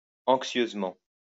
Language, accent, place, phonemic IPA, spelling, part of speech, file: French, France, Lyon, /ɑ̃k.sjøz.mɑ̃/, anxieusement, adverb, LL-Q150 (fra)-anxieusement.wav
- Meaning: 1. anxiously 2. apprehensively